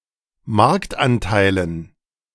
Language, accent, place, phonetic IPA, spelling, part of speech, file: German, Germany, Berlin, [ˈmaʁktʔanˌtaɪ̯lən], Marktanteilen, noun, De-Marktanteilen.ogg
- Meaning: dative plural of Marktanteil